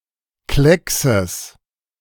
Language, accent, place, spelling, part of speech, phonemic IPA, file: German, Germany, Berlin, Kleckses, noun, /ˈklɛksəs/, De-Kleckses.ogg
- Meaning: genitive singular of Klecks